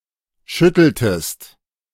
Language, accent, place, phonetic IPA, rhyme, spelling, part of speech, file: German, Germany, Berlin, [ˈʃʏtl̩təst], -ʏtl̩təst, schütteltest, verb, De-schütteltest.ogg
- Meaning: inflection of schütteln: 1. second-person singular preterite 2. second-person singular subjunctive II